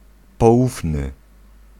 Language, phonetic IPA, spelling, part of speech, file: Polish, [pɔˈʷufnɨ], poufny, adjective, Pl-poufny.ogg